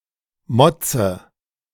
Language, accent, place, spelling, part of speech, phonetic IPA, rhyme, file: German, Germany, Berlin, motze, verb, [ˈmɔt͡sə], -ɔt͡sə, De-motze.ogg
- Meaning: inflection of motzen: 1. first-person singular present 2. first/third-person singular subjunctive I 3. singular imperative